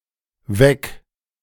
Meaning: singular imperative of wecken
- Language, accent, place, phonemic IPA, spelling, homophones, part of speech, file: German, Germany, Berlin, /vɛk/, weck, weg, verb, De-weck.ogg